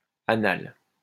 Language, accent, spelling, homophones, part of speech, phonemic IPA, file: French, France, annal, anal / anale / anales / annale / annales, adjective, /a.nal/, LL-Q150 (fra)-annal.wav
- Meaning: usable or available only for one year